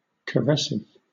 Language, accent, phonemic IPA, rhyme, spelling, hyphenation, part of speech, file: English, Southern England, /kəˈɹɛsɪv/, -ɛsɪv, caressive, car‧ess‧ive, adjective / noun, LL-Q1860 (eng)-caressive.wav
- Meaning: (adjective) 1. Having the nature of a caress; gentle, soothing 2. Of a diminutive: indicating affection or endearment; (noun) A type of diminutive indicating affection or endearment